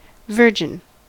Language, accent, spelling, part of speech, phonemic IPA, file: English, US, virgin, noun / adjective, /ˈvɝd͡ʒɪn/, En-us-virgin.ogg
- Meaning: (noun) 1. A person who has never had sexual intercourse, or (uncommonly) an animal that has never mated 2. A person who has never engaged in any sexual activity at all